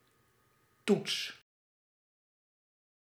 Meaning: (noun) 1. button, key (on a keyboard or other input device) 2. fingerboard (e.g. on a violin) 3. test, examination
- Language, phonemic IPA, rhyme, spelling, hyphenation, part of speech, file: Dutch, /tuts/, -uts, toets, toets, noun / verb, Nl-toets.ogg